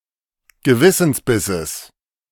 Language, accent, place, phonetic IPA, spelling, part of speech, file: German, Germany, Berlin, [ɡəˈvɪsn̩sˌbɪsəs], Gewissensbisses, noun, De-Gewissensbisses.ogg
- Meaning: genitive singular of Gewissensbiss